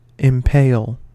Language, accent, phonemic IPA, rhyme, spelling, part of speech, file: English, US, /ɪmˈpeɪl/, -eɪl, impale, verb, En-us-impale.ogg
- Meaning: 1. To pierce (something) with any long, pointed object 2. To place two coats of arms side by side on the same shield (often those of two spouses upon marriage)